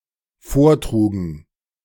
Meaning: first/third-person plural dependent preterite of vortragen
- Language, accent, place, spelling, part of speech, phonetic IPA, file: German, Germany, Berlin, vortrugen, verb, [ˈfoːɐ̯ˌtʁuːɡn̩], De-vortrugen.ogg